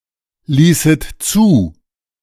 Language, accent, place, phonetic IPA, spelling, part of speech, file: German, Germany, Berlin, [ˌliːsət ˈt͡suː], ließet zu, verb, De-ließet zu.ogg
- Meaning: second-person plural subjunctive II of zulassen